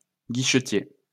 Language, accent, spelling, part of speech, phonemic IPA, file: French, France, guichetier, noun, /ɡi.ʃə.tje/, LL-Q150 (fra)-guichetier.wav
- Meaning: 1. turnkey 2. counter clerk